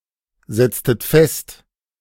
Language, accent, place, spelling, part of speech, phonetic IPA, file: German, Germany, Berlin, setztet fest, verb, [ˌzɛt͡stət ˈfɛst], De-setztet fest.ogg
- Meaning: inflection of festsetzen: 1. second-person plural preterite 2. second-person plural subjunctive II